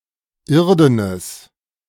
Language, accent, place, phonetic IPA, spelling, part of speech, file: German, Germany, Berlin, [ˈɪʁdənəs], irdenes, adjective, De-irdenes.ogg
- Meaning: strong/mixed nominative/accusative neuter singular of irden